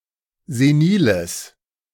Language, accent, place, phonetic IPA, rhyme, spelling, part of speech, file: German, Germany, Berlin, [zeˈniːləs], -iːləs, seniles, adjective, De-seniles.ogg
- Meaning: strong/mixed nominative/accusative neuter singular of senil